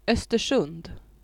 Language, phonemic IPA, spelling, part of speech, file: Swedish, /œstɛrˈsɵnd/, Östersund, proper noun, Sv-Östersund.ogg
- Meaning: a town and municipality of Jämtland County, Sweden